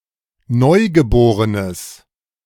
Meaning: strong/mixed nominative/accusative neuter singular of neugeboren
- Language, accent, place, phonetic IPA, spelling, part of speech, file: German, Germany, Berlin, [ˈnɔɪ̯ɡəˌboːʁənəs], neugeborenes, adjective, De-neugeborenes.ogg